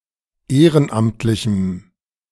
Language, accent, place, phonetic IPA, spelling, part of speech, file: German, Germany, Berlin, [ˈeːʁənˌʔamtlɪçm̩], ehrenamtlichem, adjective, De-ehrenamtlichem.ogg
- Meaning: strong dative masculine/neuter singular of ehrenamtlich